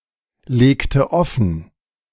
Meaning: inflection of offenlegen: 1. first/third-person singular preterite 2. first/third-person singular subjunctive II
- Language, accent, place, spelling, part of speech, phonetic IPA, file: German, Germany, Berlin, legte offen, verb, [ˌleːktə ˈɔfn̩], De-legte offen.ogg